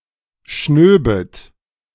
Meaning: second-person plural subjunctive II of schnauben
- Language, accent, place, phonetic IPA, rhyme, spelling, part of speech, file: German, Germany, Berlin, [ˈʃnøːbət], -øːbət, schnöbet, verb, De-schnöbet.ogg